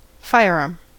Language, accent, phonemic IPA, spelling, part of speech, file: English, US, /ˈfaɪəɹˌɑː(ɹ)m/, firearm, noun, En-us-firearm.ogg
- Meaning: A personal weapon that uses explosive powder to propel a projectile often made of lead